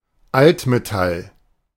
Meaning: scrap metal
- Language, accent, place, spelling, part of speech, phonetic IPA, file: German, Germany, Berlin, Altmetall, noun, [ˈaltmeˌtal], De-Altmetall.ogg